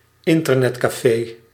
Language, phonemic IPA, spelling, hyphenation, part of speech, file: Dutch, /ˈɪn.tər.nɛt.kaːˌfeː/, internetcafé, in‧ter‧net‧café, noun, Nl-internetcafé.ogg
- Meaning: an Internet cafe